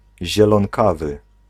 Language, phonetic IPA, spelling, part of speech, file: Polish, [ˌʑɛlɔ̃ŋˈkavɨ], zielonkawy, adjective, Pl-zielonkawy.ogg